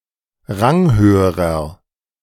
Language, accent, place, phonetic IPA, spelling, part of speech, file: German, Germany, Berlin, [ˈʁaŋˌhøːəʁɐ], ranghöherer, adjective, De-ranghöherer.ogg
- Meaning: inflection of ranghoch: 1. strong/mixed nominative masculine singular comparative degree 2. strong genitive/dative feminine singular comparative degree 3. strong genitive plural comparative degree